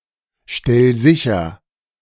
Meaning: 1. singular imperative of sicherstellen 2. first-person singular present of sicherstellen
- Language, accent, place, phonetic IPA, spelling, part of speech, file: German, Germany, Berlin, [ˌʃtɛl ˈzɪçɐ], stell sicher, verb, De-stell sicher.ogg